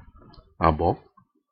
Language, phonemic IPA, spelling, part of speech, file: Ewe, /à.bɔ̌/, abɔ, noun, Ee-abɔ.ogg
- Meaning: 1. arm, upper arm 2. foreleg (of an animal) 3. yard (unit of measure)